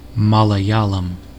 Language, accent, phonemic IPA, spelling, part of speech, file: English, US, /ˌmɑː.ləˈjɑː.ləm/, Malayalam, proper noun, En-us-Malayalam.ogg
- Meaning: A Dravidian language spoken in the state of Kerala and the union territory of Lakshadweep in India